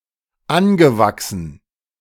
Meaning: past participle of anwachsen
- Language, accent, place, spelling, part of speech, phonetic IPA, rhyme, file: German, Germany, Berlin, angewachsen, verb, [ˈanɡəˌvaksn̩], -anɡəvaksn̩, De-angewachsen.ogg